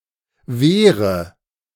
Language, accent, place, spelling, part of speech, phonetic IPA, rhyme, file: German, Germany, Berlin, Wehre, noun, [ˈveːʁə], -eːʁə, De-Wehre.ogg
- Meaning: dative of Wehr